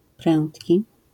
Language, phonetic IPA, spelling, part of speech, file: Polish, [ˈprɛ̃ntʲci], prędki, adjective, LL-Q809 (pol)-prędki.wav